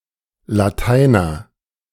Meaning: 1. someone who is fluent in Latin, has received a classical education 2. someone who is fluent in Latin, has received a classical education: those who know Latin, the Latin language as such
- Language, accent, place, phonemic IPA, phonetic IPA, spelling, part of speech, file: German, Germany, Berlin, /laˈtaɪ̯nər/, [laˈtaɪ̯.nɐ], Lateiner, noun, De-Lateiner.ogg